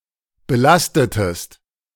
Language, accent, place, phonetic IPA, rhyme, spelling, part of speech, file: German, Germany, Berlin, [bəˈlastətəst], -astətəst, belastetest, verb, De-belastetest.ogg
- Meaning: inflection of belasten: 1. second-person singular preterite 2. second-person singular subjunctive II